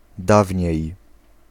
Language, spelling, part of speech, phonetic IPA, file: Polish, dawniej, adverb, [ˈdavʲɲɛ̇j], Pl-dawniej.ogg